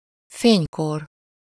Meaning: heyday, prime (time of greatest success, prestige or flourishing)
- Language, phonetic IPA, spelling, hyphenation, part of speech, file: Hungarian, [ˈfeːɲkor], fénykor, fény‧kor, noun, Hu-fénykor.ogg